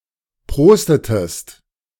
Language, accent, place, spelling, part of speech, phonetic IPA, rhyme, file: German, Germany, Berlin, prostetest, verb, [ˈpʁoːstətəst], -oːstətəst, De-prostetest.ogg
- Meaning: inflection of prosten: 1. second-person singular preterite 2. second-person singular subjunctive II